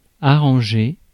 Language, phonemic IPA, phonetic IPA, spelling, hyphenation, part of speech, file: French, /a.ʁɑ̃.ʒe/, [a.ɾɑ̃.ʒe], arranger, a‧rran‧ger, verb, Fr-arranger.ogg
- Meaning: 1. to arrange 2. to suit, to be convenient 3. to be set for 4. to be pleasant (towards someone); to get along (with someone) 5. to repair, to fix, to mend 6. to adjust